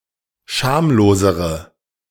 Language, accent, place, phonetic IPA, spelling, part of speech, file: German, Germany, Berlin, [ˈʃaːmloːzəʁə], schamlosere, adjective, De-schamlosere.ogg
- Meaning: inflection of schamlos: 1. strong/mixed nominative/accusative feminine singular comparative degree 2. strong nominative/accusative plural comparative degree